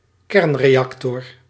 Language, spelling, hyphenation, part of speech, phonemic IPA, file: Dutch, kernreactor, kern‧re‧ac‧tor, noun, /ˈkɛrn.reːˌɑk.tɔr/, Nl-kernreactor.ogg
- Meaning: nuclear reactor